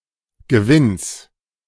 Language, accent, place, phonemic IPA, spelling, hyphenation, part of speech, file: German, Germany, Berlin, /ɡəˈvɪns/, Gewinns, Ge‧winns, noun, De-Gewinns.ogg
- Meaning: genitive singular of Gewinn